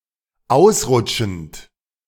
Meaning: present participle of ausrutschen
- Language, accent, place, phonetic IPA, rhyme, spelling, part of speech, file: German, Germany, Berlin, [ˈaʊ̯sˌʁʊt͡ʃn̩t], -aʊ̯sʁʊt͡ʃn̩t, ausrutschend, verb, De-ausrutschend.ogg